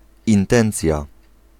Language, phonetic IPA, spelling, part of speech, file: Polish, [ĩnˈtɛ̃nt͡sʲja], intencja, noun, Pl-intencja.ogg